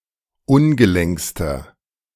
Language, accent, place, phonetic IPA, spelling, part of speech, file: German, Germany, Berlin, [ˈʊnɡəˌlɛŋkstɐ], ungelenkster, adjective, De-ungelenkster.ogg
- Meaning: inflection of ungelenk: 1. strong/mixed nominative masculine singular superlative degree 2. strong genitive/dative feminine singular superlative degree 3. strong genitive plural superlative degree